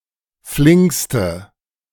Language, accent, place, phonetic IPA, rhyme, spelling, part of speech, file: German, Germany, Berlin, [ˈflɪŋkstə], -ɪŋkstə, flinkste, adjective, De-flinkste.ogg
- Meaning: inflection of flink: 1. strong/mixed nominative/accusative feminine singular superlative degree 2. strong nominative/accusative plural superlative degree